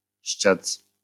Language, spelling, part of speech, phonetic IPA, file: Polish, ściec, verb, [ɕt͡ɕɛt͡s], LL-Q809 (pol)-ściec.wav